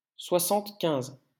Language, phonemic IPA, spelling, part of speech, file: French, /swa.sɑ̃t.kɛ̃z/, soixante-quinze, numeral, LL-Q150 (fra)-soixante-quinze.wav
- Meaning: seventy-five